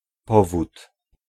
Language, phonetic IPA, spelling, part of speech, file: Polish, [ˈpɔvut], powód, noun, Pl-powód.ogg